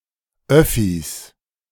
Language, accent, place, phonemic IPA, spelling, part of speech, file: German, Germany, Berlin, /ˈœfis/, Öffis, noun, De-Öffis.ogg
- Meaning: inflection of Öffi: 1. genitive singular 2. all cases plural